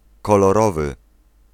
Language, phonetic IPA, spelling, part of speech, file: Polish, [ˌkɔlɔˈrɔvɨ], kolorowy, adjective / noun, Pl-kolorowy.ogg